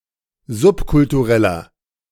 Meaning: inflection of subkulturell: 1. strong/mixed nominative masculine singular 2. strong genitive/dative feminine singular 3. strong genitive plural
- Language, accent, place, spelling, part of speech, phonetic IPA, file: German, Germany, Berlin, subkultureller, adjective, [ˈzʊpkʊltuˌʁɛlɐ], De-subkultureller.ogg